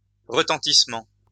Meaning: 1. echo 2. repercussion(s), impact
- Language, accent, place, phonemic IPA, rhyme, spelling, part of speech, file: French, France, Lyon, /ʁə.tɑ̃.tis.mɑ̃/, -ɑ̃, retentissement, noun, LL-Q150 (fra)-retentissement.wav